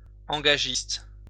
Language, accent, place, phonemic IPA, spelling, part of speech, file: French, France, Lyon, /ɑ̃.ɡa.ʒist/, engagiste, noun, LL-Q150 (fra)-engagiste.wav
- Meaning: a person who pledged support to the king and received land, title etc. in return